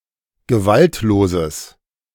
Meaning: strong/mixed nominative/accusative neuter singular of gewaltlos
- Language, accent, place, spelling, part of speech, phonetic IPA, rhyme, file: German, Germany, Berlin, gewaltloses, adjective, [ɡəˈvaltloːzəs], -altloːzəs, De-gewaltloses.ogg